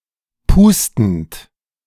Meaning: present participle of pusten
- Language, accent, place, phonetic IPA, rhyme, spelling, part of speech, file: German, Germany, Berlin, [ˈpuːstn̩t], -uːstn̩t, pustend, verb, De-pustend.ogg